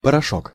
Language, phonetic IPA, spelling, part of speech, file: Russian, [pərɐˈʂok], порошок, noun, Ru-порошок.ogg
- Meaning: powder